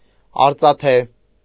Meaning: silvern, made of silver
- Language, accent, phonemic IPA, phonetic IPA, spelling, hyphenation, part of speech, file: Armenian, Eastern Armenian, /ɑɾt͡sɑˈtʰe/, [ɑɾt͡sɑtʰé], արծաթե, ար‧ծա‧թե, adjective, Hy-արծաթե.ogg